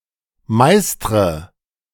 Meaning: inflection of meistern: 1. first-person singular present 2. first/third-person singular subjunctive I 3. singular imperative
- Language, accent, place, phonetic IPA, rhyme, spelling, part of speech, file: German, Germany, Berlin, [ˈmaɪ̯stʁə], -aɪ̯stʁə, meistre, verb, De-meistre.ogg